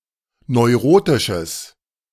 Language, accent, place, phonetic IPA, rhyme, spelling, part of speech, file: German, Germany, Berlin, [nɔɪ̯ˈʁoːtɪʃəs], -oːtɪʃəs, neurotisches, adjective, De-neurotisches.ogg
- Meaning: strong/mixed nominative/accusative neuter singular of neurotisch